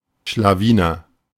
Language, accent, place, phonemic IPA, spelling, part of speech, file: German, Germany, Berlin, /ʃlaˈviːnɐ/, Schlawiner, noun, De-Schlawiner.ogg
- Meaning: 1. rascal, scamp (playful, impish youngster) 2. slyboots (clever or cunning person)